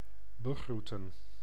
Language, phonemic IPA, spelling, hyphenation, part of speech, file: Dutch, /bəˈɣrutə(n)/, begroeten, be‧groe‧ten, verb, Nl-begroeten.ogg
- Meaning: to hail, greet